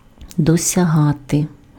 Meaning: to achieve, to attain, to reach
- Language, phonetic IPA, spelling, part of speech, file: Ukrainian, [dɔsʲɐˈɦate], досягати, verb, Uk-досягати.ogg